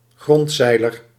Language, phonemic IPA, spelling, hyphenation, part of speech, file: Dutch, /ˈɣrɔntˌsɛi̯.lər/, grondzeiler, grond‧zei‧ler, noun, Nl-grondzeiler.ogg
- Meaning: a squat windmill where the sails just clear the ground